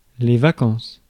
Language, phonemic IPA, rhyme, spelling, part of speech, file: French, /va.kɑ̃s/, -ɑ̃s, vacances, noun, Fr-vacances.ogg
- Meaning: plural of vacance